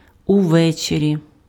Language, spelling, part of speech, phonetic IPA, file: Ukrainian, увечері, adverb, [ʊˈʋɛt͡ʃerʲi], Uk-увечері.ogg
- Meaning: in the evening